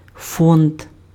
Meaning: 1. fund 2. foundation, trust 3. stock
- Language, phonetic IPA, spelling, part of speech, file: Ukrainian, [fɔnd], фонд, noun, Uk-фонд.ogg